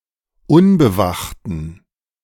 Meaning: inflection of unbewacht: 1. strong genitive masculine/neuter singular 2. weak/mixed genitive/dative all-gender singular 3. strong/weak/mixed accusative masculine singular 4. strong dative plural
- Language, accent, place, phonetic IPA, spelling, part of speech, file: German, Germany, Berlin, [ˈʊnbəˌvaxtn̩], unbewachten, adjective, De-unbewachten.ogg